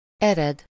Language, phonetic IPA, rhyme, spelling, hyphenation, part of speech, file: Hungarian, [ˈɛrɛd], -ɛd, ered, ered, verb / noun, Hu-ered.ogg
- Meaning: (verb) 1. to originate, to come from, to derive from 2. to take its source (of a river, to begin somewhere) 3. to set out, to go away, to take to one's heels